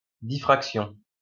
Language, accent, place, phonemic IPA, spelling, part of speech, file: French, France, Lyon, /di.fʁak.sjɔ̃/, diffraction, noun, LL-Q150 (fra)-diffraction.wav
- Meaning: diffraction